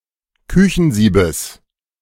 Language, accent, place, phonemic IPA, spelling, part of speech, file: German, Germany, Berlin, /ˈkʏçn̩ˌziːbəs/, Küchensiebes, noun, De-Küchensiebes.ogg
- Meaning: genitive singular of Küchensieb